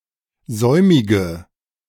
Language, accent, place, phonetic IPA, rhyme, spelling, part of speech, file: German, Germany, Berlin, [ˈzɔɪ̯mɪɡə], -ɔɪ̯mɪɡə, säumige, adjective, De-säumige.ogg
- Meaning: inflection of säumig: 1. strong/mixed nominative/accusative feminine singular 2. strong nominative/accusative plural 3. weak nominative all-gender singular 4. weak accusative feminine/neuter singular